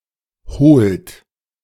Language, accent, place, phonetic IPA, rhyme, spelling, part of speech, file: German, Germany, Berlin, [hoːlt], -oːlt, holt, verb, De-holt.ogg
- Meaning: inflection of holen: 1. third-person singular present 2. second-person plural present 3. plural imperative